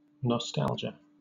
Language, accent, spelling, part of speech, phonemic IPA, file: English, Southern England, nostalgia, noun, /nɒˈstæld͡ʒə/, LL-Q1860 (eng)-nostalgia.wav
- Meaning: 1. A longing for home or familiar surroundings; homesickness 2. A bittersweet yearning for the things of the past